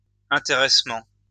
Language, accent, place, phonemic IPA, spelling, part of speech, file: French, France, Lyon, /ɛ̃.te.ʁɛs.mɑ̃/, intéressement, noun, LL-Q150 (fra)-intéressement.wav
- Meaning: profit sharing